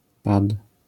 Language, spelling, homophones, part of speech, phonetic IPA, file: Polish, pad, pat, noun, [pat], LL-Q809 (pol)-pad.wav